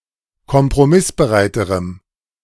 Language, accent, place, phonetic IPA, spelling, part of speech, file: German, Germany, Berlin, [kɔmpʁoˈmɪsbəˌʁaɪ̯təʁəm], kompromissbereiterem, adjective, De-kompromissbereiterem.ogg
- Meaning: strong dative masculine/neuter singular comparative degree of kompromissbereit